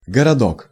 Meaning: diminutive of го́род (górod): small city, town
- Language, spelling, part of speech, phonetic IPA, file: Russian, городок, noun, [ɡərɐˈdok], Ru-городок.ogg